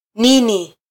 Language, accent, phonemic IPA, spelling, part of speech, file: Swahili, Kenya, /ˈni.ni/, nini, pronoun, Sw-ke-nini.flac
- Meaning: what (interrogative pronoun)